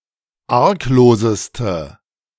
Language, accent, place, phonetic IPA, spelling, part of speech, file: German, Germany, Berlin, [ˈaʁkˌloːzəstə], argloseste, adjective, De-argloseste.ogg
- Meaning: inflection of arglos: 1. strong/mixed nominative/accusative feminine singular superlative degree 2. strong nominative/accusative plural superlative degree